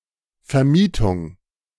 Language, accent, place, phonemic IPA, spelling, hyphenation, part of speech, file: German, Germany, Berlin, /fɛɐ̯ˈmiːtʊŋ/, Vermietung, Ver‧mie‧tung, noun, De-Vermietung.ogg
- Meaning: renting